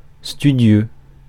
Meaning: studious
- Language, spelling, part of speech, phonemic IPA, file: French, studieux, adjective, /sty.djø/, Fr-studieux.ogg